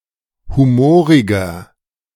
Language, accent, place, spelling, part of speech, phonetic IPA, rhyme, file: German, Germany, Berlin, humoriger, adjective, [ˌhuˈmoːʁɪɡɐ], -oːʁɪɡɐ, De-humoriger.ogg
- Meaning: 1. comparative degree of humorig 2. inflection of humorig: strong/mixed nominative masculine singular 3. inflection of humorig: strong genitive/dative feminine singular